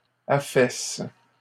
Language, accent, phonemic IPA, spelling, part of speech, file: French, Canada, /a.fɛs/, affaissent, verb, LL-Q150 (fra)-affaissent.wav
- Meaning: third-person plural present indicative/subjunctive of affaisser